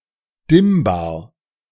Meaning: dimmable
- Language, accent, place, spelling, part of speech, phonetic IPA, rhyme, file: German, Germany, Berlin, dimmbar, adjective, [ˈdɪmbaːɐ̯], -ɪmbaːɐ̯, De-dimmbar.ogg